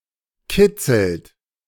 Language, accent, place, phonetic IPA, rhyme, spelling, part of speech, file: German, Germany, Berlin, [ˈkɪt͡sl̩t], -ɪt͡sl̩t, kitzelt, verb, De-kitzelt.ogg
- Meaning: inflection of kitzeln: 1. third-person singular present 2. second-person plural present 3. plural imperative